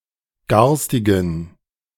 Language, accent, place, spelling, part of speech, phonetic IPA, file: German, Germany, Berlin, garstigen, adjective, [ˈɡaʁstɪɡn̩], De-garstigen.ogg
- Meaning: inflection of garstig: 1. strong genitive masculine/neuter singular 2. weak/mixed genitive/dative all-gender singular 3. strong/weak/mixed accusative masculine singular 4. strong dative plural